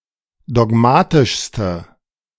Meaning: inflection of dogmatisch: 1. strong/mixed nominative/accusative feminine singular superlative degree 2. strong nominative/accusative plural superlative degree
- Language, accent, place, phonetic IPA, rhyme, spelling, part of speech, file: German, Germany, Berlin, [dɔˈɡmaːtɪʃstə], -aːtɪʃstə, dogmatischste, adjective, De-dogmatischste.ogg